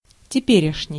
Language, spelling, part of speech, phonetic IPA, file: Russian, теперешний, adjective, [tʲɪˈpʲerʲɪʂnʲɪj], Ru-теперешний.ogg
- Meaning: present, contemporary, of now